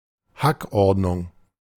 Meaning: pecking order
- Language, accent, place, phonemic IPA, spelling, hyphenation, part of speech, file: German, Germany, Berlin, /ˈhakˌɔʁdnʊŋ/, Hackordnung, Hack‧ord‧nung, noun, De-Hackordnung.ogg